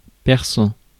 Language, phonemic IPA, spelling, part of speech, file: French, /pɛʁ.sɑ̃/, perçant, verb / adjective, Fr-perçant.ogg
- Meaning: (verb) present participle of percer; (adjective) 1. piercing, shrill 2. sharp (vision, etc.)